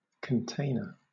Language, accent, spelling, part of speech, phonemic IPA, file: English, Southern England, container, noun, /kənˈteɪ.nə/, LL-Q1860 (eng)-container.wav
- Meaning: Someone who contains; something that contains.: 1. An item in which objects, materials or data can be stored or transported 2. A very large, typically metal, box used for transporting goods